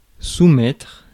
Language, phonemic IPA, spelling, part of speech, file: French, /su.mɛtʁ/, soumettre, verb, Fr-soumettre.ogg
- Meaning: to submit